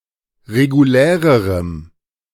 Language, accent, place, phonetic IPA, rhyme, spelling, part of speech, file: German, Germany, Berlin, [ʁeɡuˈlɛːʁəʁəm], -ɛːʁəʁəm, regulärerem, adjective, De-regulärerem.ogg
- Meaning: strong dative masculine/neuter singular comparative degree of regulär